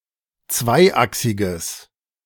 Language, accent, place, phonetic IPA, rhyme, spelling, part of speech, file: German, Germany, Berlin, [ˈt͡svaɪ̯ˌʔaksɪɡəs], -aɪ̯ʔaksɪɡəs, zweiachsiges, adjective, De-zweiachsiges.ogg
- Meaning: strong/mixed nominative/accusative neuter singular of zweiachsig